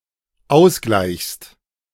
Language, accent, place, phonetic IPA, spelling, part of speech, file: German, Germany, Berlin, [ˈaʊ̯sˌɡlaɪ̯çst], ausgleichst, verb, De-ausgleichst.ogg
- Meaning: second-person singular dependent present of ausgleichen